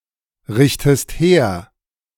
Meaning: inflection of herrichten: 1. second-person singular present 2. second-person singular subjunctive I
- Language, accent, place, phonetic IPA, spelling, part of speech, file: German, Germany, Berlin, [ˌʁɪçtəst ˈheːɐ̯], richtest her, verb, De-richtest her.ogg